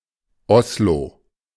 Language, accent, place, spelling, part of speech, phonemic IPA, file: German, Germany, Berlin, Oslo, proper noun, /ˈɔsloː/, De-Oslo.ogg
- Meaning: Oslo (a county and municipality, the capital city of Norway)